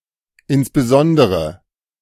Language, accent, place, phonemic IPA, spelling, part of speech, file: German, Germany, Berlin, /ɪnsbəˈzɔndəʁə/, insbesondere, adverb, De-insbesondere.ogg
- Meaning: in particular, particularly